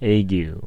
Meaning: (noun) 1. An acute fever 2. An intermittent fever, attended by alternate cold and hot fits 3. The cold fit or rigor of an intermittent fever 4. A chill, or state of shaking, as with cold 5. Malaria
- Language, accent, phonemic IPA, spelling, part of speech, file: English, US, /ˈeɪ.ɡju/, ague, noun / verb, En-us-ague.ogg